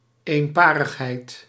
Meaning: constancy, uniformity
- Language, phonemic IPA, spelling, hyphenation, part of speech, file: Dutch, /ˌeːnˈpaː.rəx.ɦɛi̯t/, eenparigheid, een‧pa‧rig‧heid, noun, Nl-eenparigheid.ogg